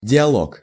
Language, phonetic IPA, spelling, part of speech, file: Russian, [dʲɪɐˈɫok], диалог, noun, Ru-диалог.ogg
- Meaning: dialogue/dialog